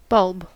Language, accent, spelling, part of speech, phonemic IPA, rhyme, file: English, US, bulb, noun / verb, /ˈbʌlb/, -ʌlb, En-us-bulb.ogg
- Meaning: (noun) The bulb-shaped underground portion of a plant such as a tulip, consisting of a shortened stem and many fleshy scale leaves, from which the rest of the plant may be regrown